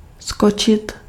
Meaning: to jump
- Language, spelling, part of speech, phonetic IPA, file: Czech, skočit, verb, [ˈskot͡ʃɪt], Cs-skočit.ogg